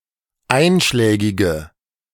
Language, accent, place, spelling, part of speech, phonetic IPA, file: German, Germany, Berlin, einschlägige, adjective, [ˈaɪ̯nʃlɛːɡɪɡə], De-einschlägige.ogg
- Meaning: inflection of einschlägig: 1. strong/mixed nominative/accusative feminine singular 2. strong nominative/accusative plural 3. weak nominative all-gender singular